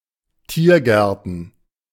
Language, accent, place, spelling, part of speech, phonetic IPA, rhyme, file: German, Germany, Berlin, Tiergärten, noun, [ˈtiːɐ̯ˌɡɛʁtn̩], -iːɐ̯ɡɛʁtn̩, De-Tiergärten.ogg
- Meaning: plural of Tiergarten